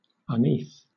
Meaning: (adjective) Not easy; hard; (adverb) 1. Not easily; hardly, scarcely 2. Reluctantly, unwillingly
- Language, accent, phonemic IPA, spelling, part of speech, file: English, Southern England, /ʌˈniːθ/, uneath, adjective / adverb, LL-Q1860 (eng)-uneath.wav